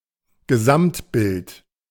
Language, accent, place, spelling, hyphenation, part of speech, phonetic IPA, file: German, Germany, Berlin, Gesamtbild, Ge‧samt‧bild, noun, [ɡəˈzamtˌbɪlt], De-Gesamtbild.ogg
- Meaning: 1. big picture 2. general impression